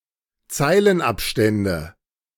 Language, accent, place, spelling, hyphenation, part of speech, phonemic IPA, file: German, Germany, Berlin, Zeilenabstände, Zei‧len‧ab‧stän‧de, noun, /ˈt͡saɪ̯lənˌ.apˌʃtɛndə/, De-Zeilenabstände.ogg
- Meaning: nominative/accusative/genitive plural of Zeilenabstand